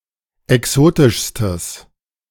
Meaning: strong/mixed nominative/accusative neuter singular superlative degree of exotisch
- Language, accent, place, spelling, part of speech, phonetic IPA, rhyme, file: German, Germany, Berlin, exotischstes, adjective, [ɛˈksoːtɪʃstəs], -oːtɪʃstəs, De-exotischstes.ogg